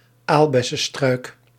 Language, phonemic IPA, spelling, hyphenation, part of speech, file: Dutch, /ˈaːl.bɛ.səˌstrœy̯k/, aalbessestruik, aal‧bes‧se‧struik, noun, Nl-aalbessestruik.ogg
- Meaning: superseded spelling of aalbessenstruik